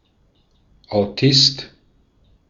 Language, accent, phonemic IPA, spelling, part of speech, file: German, Austria, /aʊ̯ˈtɪst/, Autist, noun, De-at-Autist.ogg
- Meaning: autist